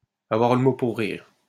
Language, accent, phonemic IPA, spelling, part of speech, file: French, France, /a.vwaʁ lə mo puʁ ʁiʁ/, avoir le mot pour rire, verb, LL-Q150 (fra)-avoir le mot pour rire.wav
- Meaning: to make jokes; to be funny, to make people laugh